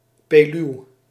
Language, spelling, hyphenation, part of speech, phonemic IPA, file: Dutch, peluw, pe‧luw, noun, /ˈpeː.lyu̯/, Nl-peluw.ogg
- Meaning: a long, narrow pillow